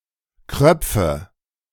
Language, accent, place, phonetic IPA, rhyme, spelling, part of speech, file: German, Germany, Berlin, [ˈkʁœp͡fə], -œp͡fə, Kröpfe, noun, De-Kröpfe.ogg
- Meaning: nominative/accusative/genitive plural of Kropf